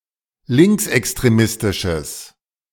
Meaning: strong/mixed nominative/accusative neuter singular of linksextremistisch
- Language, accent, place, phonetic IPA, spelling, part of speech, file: German, Germany, Berlin, [ˈlɪŋksʔɛkstʁeˌmɪstɪʃəs], linksextremistisches, adjective, De-linksextremistisches.ogg